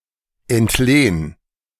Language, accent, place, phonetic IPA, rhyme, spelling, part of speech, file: German, Germany, Berlin, [ɛntˈleːn], -eːn, entlehn, verb, De-entlehn.ogg
- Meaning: 1. singular imperative of entlehnen 2. first-person singular present of entlehnen